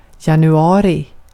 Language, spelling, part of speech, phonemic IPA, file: Swedish, januari, noun, /janɵˈɑːrɪ/, Sv-januari.ogg
- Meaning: January